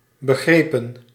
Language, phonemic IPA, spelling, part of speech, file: Dutch, /bəˈɣrepə(n)/, begrepen, verb, Nl-begrepen.ogg
- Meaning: 1. inflection of begrijpen: plural past indicative 2. inflection of begrijpen: plural past subjunctive 3. past participle of begrijpen